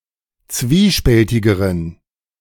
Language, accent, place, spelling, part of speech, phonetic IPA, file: German, Germany, Berlin, zwiespältigeren, adjective, [ˈt͡sviːˌʃpɛltɪɡəʁən], De-zwiespältigeren.ogg
- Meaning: inflection of zwiespältig: 1. strong genitive masculine/neuter singular comparative degree 2. weak/mixed genitive/dative all-gender singular comparative degree